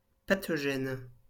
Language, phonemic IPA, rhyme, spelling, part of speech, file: French, /pa.tɔ.ʒɛn/, -ɛn, pathogène, adjective / noun, LL-Q150 (fra)-pathogène.wav
- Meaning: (adjective) pathogenic; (noun) pathogen